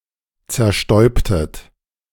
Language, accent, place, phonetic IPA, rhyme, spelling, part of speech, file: German, Germany, Berlin, [t͡sɛɐ̯ˈʃtɔɪ̯ptət], -ɔɪ̯ptət, zerstäubtet, verb, De-zerstäubtet.ogg
- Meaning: inflection of zerstäuben: 1. second-person plural preterite 2. second-person plural subjunctive II